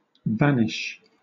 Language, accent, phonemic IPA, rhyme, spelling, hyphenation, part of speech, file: English, Southern England, /ˈvænɪʃ/, -ænɪʃ, vanish, van‧ish, verb / noun, LL-Q1860 (eng)-vanish.wav
- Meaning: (verb) 1. To become invisible or to move out of view unnoticed 2. To become equal to zero 3. To disappear; to kidnap